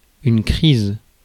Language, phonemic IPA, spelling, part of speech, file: French, /kʁiz/, crise, noun, Fr-crise.ogg
- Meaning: 1. crisis 2. attack, fit 3. tantrum, scene, fit of anger